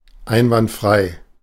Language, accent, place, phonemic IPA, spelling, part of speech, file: German, Germany, Berlin, /ˈaɪ̯nvantˌfʁaɪ̯/, einwandfrei, adjective / adverb, De-einwandfrei.ogg
- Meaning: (adjective) 1. perfect, impeccable 2. indisputable, undeniable; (adverb) 1. perfectly 2. undoubtedly; undeniably